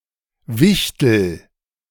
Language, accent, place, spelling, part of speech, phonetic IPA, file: German, Germany, Berlin, Wichtel, noun, [ˈvɪçtl̩], De-Wichtel.ogg
- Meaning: 1. A gnome, dwarf (small industrious creature, often looking like an old man) 2. A secret Santa (person who gives one an anonymous gift)